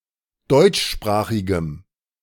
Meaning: strong dative masculine/neuter singular of deutschsprachig
- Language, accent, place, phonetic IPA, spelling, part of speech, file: German, Germany, Berlin, [ˈdɔɪ̯t͡ʃˌʃpʁaːxɪɡəm], deutschsprachigem, adjective, De-deutschsprachigem.ogg